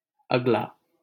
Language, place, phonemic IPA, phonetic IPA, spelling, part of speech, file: Hindi, Delhi, /əɡ.lɑː/, [ɐɡ.läː], अगला, adjective, LL-Q1568 (hin)-अगला.wav
- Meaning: 1. next 2. coming, in the future 3. front, chief